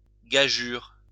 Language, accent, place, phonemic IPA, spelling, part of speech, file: French, France, Lyon, /ɡa.ʒyʁ/, gageure, noun, LL-Q150 (fra)-gageure.wav
- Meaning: 1. wager 2. challenge, impossible task